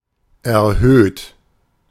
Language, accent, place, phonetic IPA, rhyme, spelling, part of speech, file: German, Germany, Berlin, [ɛɐ̯ˈhøːt], -øːt, erhöht, adjective / verb, De-erhöht.ogg
- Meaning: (verb) past participle of erhöhen; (adjective) increased, elevated, raised, heightened, enhanced